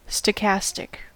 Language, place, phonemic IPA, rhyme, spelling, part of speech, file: English, California, /stəˈkæstɪk/, -æstɪk, stochastic, adjective, En-us-stochastic.ogg
- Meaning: random, randomly determined